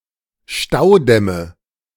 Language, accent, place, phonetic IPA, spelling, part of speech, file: German, Germany, Berlin, [ˈʃtaʊ̯ˌdɛmə], Staudämme, noun, De-Staudämme.ogg
- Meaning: nominative/accusative/genitive plural of Staudamm